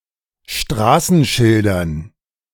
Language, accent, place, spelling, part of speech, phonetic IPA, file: German, Germany, Berlin, Straßenschildern, noun, [ˈʃtʁaːsn̩ˌʃɪldɐn], De-Straßenschildern.ogg
- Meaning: dative plural of Straßenschild